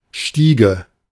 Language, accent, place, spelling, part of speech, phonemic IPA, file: German, Germany, Berlin, Stiege, noun, /ˈʃtiːɡə/, De-Stiege.ogg
- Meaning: 1. narrow, often steep stairs (e.g. to a loft) 2. stairs in general, staircase 3. separate entry, doorway and/or staircase to or inside an apartment building, apartment complex or a housing complex